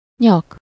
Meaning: 1. neck (the part of the body connecting the head and the trunk found in humans and some animals) 2. neck (the part of a shirt, dress etc., which fits a person's neck)
- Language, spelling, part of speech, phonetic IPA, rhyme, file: Hungarian, nyak, noun, [ˈɲɒk], -ɒk, Hu-nyak.ogg